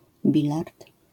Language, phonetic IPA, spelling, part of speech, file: Polish, [ˈbʲilart], bilard, noun, LL-Q809 (pol)-bilard.wav